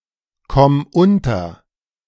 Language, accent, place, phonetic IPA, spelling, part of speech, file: German, Germany, Berlin, [ˌkɔm ˈʊntɐ], komm unter, verb, De-komm unter.ogg
- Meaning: singular imperative of unterkommen